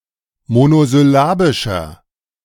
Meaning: inflection of monosyllabisch: 1. strong/mixed nominative masculine singular 2. strong genitive/dative feminine singular 3. strong genitive plural
- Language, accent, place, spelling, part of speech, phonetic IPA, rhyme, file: German, Germany, Berlin, monosyllabischer, adjective, [monozʏˈlaːbɪʃɐ], -aːbɪʃɐ, De-monosyllabischer.ogg